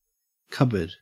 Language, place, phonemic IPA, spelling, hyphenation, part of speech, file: English, Queensland, /ˈkɐbəd/, cupboard, cup‧board, noun / verb, En-au-cupboard.ogg
- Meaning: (noun) 1. A board or table used to openly hold and display silver plate and other dishware; a sideboard; a buffet 2. Things displayed on a sideboard; dishware, particularly valuable plate